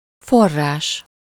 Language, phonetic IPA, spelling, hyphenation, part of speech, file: Hungarian, [ˈforːaːʃ], forrás, for‧rás, noun, Hu-forrás.ogg
- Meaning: 1. verbal noun of forr: boiling (the process of changing the state of a substance from liquid to gas by heating it to its boiling point) 2. spring, source (place where water emerges from the ground)